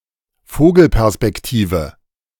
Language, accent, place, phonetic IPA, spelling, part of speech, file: German, Germany, Berlin, [ˈfoːɡl̩pɛʁspɛkˌtiːvə], Vogelperspektive, noun, De-Vogelperspektive.ogg
- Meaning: bird's-eye view